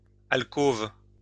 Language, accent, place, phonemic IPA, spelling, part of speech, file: French, France, Lyon, /al.kov/, alcôve, noun, LL-Q150 (fra)-alcôve.wav
- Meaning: alcove